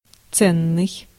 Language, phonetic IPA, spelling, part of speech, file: Russian, [ˈt͡sɛnːɨj], ценный, adjective, Ru-ценный.ogg
- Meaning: valuable, precious, costly, dear